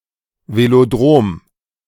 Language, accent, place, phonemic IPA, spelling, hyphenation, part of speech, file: German, Germany, Berlin, /ˌveloˈdʁoːm/, Velodrom, Ve‧lo‧drom, noun, De-Velodrom.ogg
- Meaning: velodrome (arena for bicycle racing)